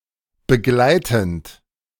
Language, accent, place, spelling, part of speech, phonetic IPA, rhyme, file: German, Germany, Berlin, begleitend, verb, [bəˈɡlaɪ̯tn̩t], -aɪ̯tn̩t, De-begleitend.ogg
- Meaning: present participle of begleiten